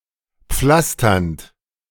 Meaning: present participle of pflastern
- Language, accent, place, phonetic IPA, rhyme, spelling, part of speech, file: German, Germany, Berlin, [ˈp͡flastɐnt], -astɐnt, pflasternd, verb, De-pflasternd.ogg